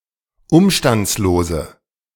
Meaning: inflection of umstandslos: 1. strong/mixed nominative/accusative feminine singular 2. strong nominative/accusative plural 3. weak nominative all-gender singular
- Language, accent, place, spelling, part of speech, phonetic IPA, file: German, Germany, Berlin, umstandslose, adjective, [ˈʊmʃtant͡sloːzə], De-umstandslose.ogg